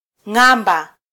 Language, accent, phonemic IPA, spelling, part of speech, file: Swahili, Kenya, /ˈŋɑ.ᵐbɑ/, ng'amba, noun, Sw-ke-ng'amba.flac
- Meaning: 1. turtle's shell 2. turtle, tortoise